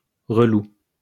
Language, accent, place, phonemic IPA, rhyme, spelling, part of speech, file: French, France, Lyon, /ʁə.lu/, -u, relou, adjective, LL-Q150 (fra)-relou.wav
- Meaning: irritating, frustrating, especially to describe a person